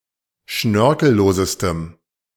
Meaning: strong dative masculine/neuter singular superlative degree of schnörkellos
- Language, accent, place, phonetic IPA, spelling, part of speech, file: German, Germany, Berlin, [ˈʃnœʁkl̩ˌloːzəstəm], schnörkellosestem, adjective, De-schnörkellosestem.ogg